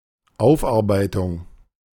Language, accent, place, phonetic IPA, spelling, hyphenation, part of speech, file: German, Germany, Berlin, [ˈaʊ̯fʔaʁˌbaɪ̯tʊŋ], Aufarbeitung, Auf‧ar‧bei‧tung, noun, De-Aufarbeitung.ogg
- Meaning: 1. reprocessing 2. renovation, reconditioning 3. workup